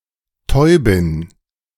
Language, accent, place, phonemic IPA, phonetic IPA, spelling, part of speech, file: German, Germany, Berlin, /ˈtɔʏ̯.bɪn/, [ˈtʰɔʏ̯.bɪn], Täubin, noun, De-Täubin.ogg
- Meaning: female pigeon or dove (hen pigeon, hen-pigeon, she-pigeon, hen dove, hen-dove, she-dove)